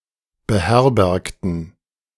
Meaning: inflection of beherbergen: 1. first/third-person plural preterite 2. first/third-person plural subjunctive II
- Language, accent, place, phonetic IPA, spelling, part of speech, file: German, Germany, Berlin, [bəˈhɛʁbɛʁktn̩], beherbergten, adjective / verb, De-beherbergten.ogg